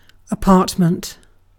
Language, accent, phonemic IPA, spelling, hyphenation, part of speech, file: English, UK, /əˈpɑːt.mənt/, apartment, a‧part‧ment, noun, En-uk-apartment.ogg
- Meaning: 1. A complete domicile occupying only part of a building, especially one for rent; a flat 2. A suite of rooms within a domicile, designated for a specific person or persons and including a bedroom